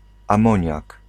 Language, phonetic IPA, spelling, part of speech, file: Polish, [ãˈmɔ̃ɲak], amoniak, noun, Pl-amoniak.ogg